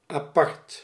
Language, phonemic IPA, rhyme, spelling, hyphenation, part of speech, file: Dutch, /aːˈpɑrt/, -ɑrt, apart, apart, adjective, Nl-apart.ogg
- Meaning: 1. separate 2. unusual